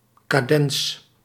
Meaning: 1. cadence (progression of chords closing a piece or section) 2. cadenza (closing embellishment)
- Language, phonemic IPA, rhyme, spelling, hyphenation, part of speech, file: Dutch, /kaːˈdɛns/, -ɛns, cadens, ca‧dens, noun, Nl-cadens.ogg